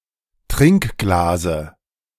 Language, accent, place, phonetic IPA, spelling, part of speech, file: German, Germany, Berlin, [ˈtʁɪŋkˌɡlaːzə], Trinkglase, noun, De-Trinkglase.ogg
- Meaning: dative of Trinkglas